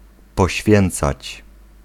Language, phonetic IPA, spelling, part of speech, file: Polish, [pɔˈɕfʲjɛ̃nt͡sat͡ɕ], poświęcać, verb, Pl-poświęcać.ogg